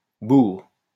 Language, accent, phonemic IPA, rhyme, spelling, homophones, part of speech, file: French, France, /buʁ/, -uʁ, bourre, bourrent / bourres, noun / verb, LL-Q150 (fra)-bourre.wav
- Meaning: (noun) 1. any material used for stuffing 2. tufts or masses of hair removed from the skin of short-haired animals before tanning 3. waste from hackling or spinning of wool or silk; linters, flock